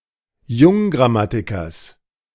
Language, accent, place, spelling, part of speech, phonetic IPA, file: German, Germany, Berlin, Junggrammatikers, noun, [ˈjʊŋɡʁaˌmatɪkɐs], De-Junggrammatikers.ogg
- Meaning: genitive singular of Junggrammatiker